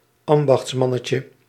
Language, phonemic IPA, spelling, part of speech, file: Dutch, /ˈɑmbɑxtsmɑnəcə/, ambachtsmannetje, noun, Nl-ambachtsmannetje.ogg
- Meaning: diminutive of ambachtsman